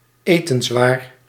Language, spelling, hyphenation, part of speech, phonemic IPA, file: Dutch, etenswaar, etens‧waar, noun, /ˈeː.tə(n)sˌʋaːr/, Nl-etenswaar.ogg
- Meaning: food, foodstuff